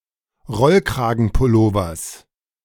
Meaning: genitive singular of Rollkragenpullover
- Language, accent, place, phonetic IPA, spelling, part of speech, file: German, Germany, Berlin, [ˈʁɔlkʁaːɡn̩pʊˌloːvɐs], Rollkragenpullovers, noun, De-Rollkragenpullovers.ogg